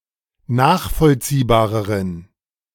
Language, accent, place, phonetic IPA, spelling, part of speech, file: German, Germany, Berlin, [ˈnaːxfɔlt͡siːbaːʁəʁən], nachvollziehbareren, adjective, De-nachvollziehbareren.ogg
- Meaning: inflection of nachvollziehbar: 1. strong genitive masculine/neuter singular comparative degree 2. weak/mixed genitive/dative all-gender singular comparative degree